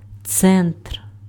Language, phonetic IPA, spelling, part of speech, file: Ukrainian, [t͡sɛntr], центр, noun, Uk-центр.ogg
- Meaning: centre (UK), center (US)